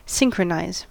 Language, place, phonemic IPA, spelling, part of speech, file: English, California, /ˈsɪŋ.kɹəˌnaɪz/, synchronize, verb, En-us-synchronize.ogg
- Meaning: To cause two or more events or actions to happen at exactly the same time or same rate, or in a time-coordinated way.: To occur at the same time or with coordinated timing